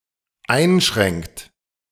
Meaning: inflection of einschränken: 1. third-person singular dependent present 2. second-person plural dependent present
- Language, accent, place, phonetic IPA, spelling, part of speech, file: German, Germany, Berlin, [ˈaɪ̯nˌʃʁɛŋkt], einschränkt, verb, De-einschränkt.ogg